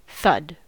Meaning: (noun) 1. The sound of a dull impact 2. A hard, dull impact 3. A slower, dull impact with a wide surface area; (verb) To make the sound of a dull impact
- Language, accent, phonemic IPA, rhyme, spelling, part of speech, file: English, US, /ˈθʌd/, -ʌd, thud, noun / verb, En-us-thud.ogg